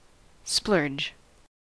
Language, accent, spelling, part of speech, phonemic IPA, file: English, US, splurge, verb / noun, /splɝd͡ʒ/, En-us-splurge.ogg
- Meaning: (verb) 1. To (cause to) gush; to flow or move in a rush 2. To spend lavishly or extravagantly, especially money 3. To produce an extravagant or ostentatious display